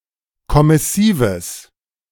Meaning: strong/mixed nominative/accusative neuter singular of kommissiv
- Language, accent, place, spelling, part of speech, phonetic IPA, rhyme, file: German, Germany, Berlin, kommissives, adjective, [kɔmɪˈsiːvəs], -iːvəs, De-kommissives.ogg